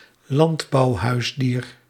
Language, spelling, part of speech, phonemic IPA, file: Dutch, landbouwhuisdier, noun, /ˈlɑndbɑuˌhœysdir/, Nl-landbouwhuisdier.ogg
- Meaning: farm animal